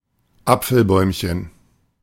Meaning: diminutive of Apfelbaum
- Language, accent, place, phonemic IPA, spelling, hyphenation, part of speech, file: German, Germany, Berlin, /ˈap͡fl̩ˌbɔɪ̯mçn̩/, Apfelbäumchen, Ap‧fel‧bäum‧chen, noun, De-Apfelbäumchen.ogg